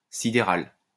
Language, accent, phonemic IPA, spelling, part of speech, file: French, France, /si.de.ʁal/, sidéral, adjective, LL-Q150 (fra)-sidéral.wav
- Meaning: sidereal